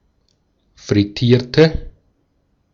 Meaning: inflection of frittieren: 1. first/third-person singular preterite 2. first/third-person singular subjunctive II
- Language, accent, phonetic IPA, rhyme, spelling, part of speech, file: German, Austria, [fʁɪˈtiːɐ̯tə], -iːɐ̯tə, frittierte, adjective / verb, De-at-frittierte.ogg